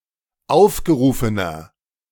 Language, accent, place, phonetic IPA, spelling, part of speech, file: German, Germany, Berlin, [ˈaʊ̯fɡəˌʁuːfənɐ], aufgerufener, adjective, De-aufgerufener.ogg
- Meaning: inflection of aufgerufen: 1. strong/mixed nominative masculine singular 2. strong genitive/dative feminine singular 3. strong genitive plural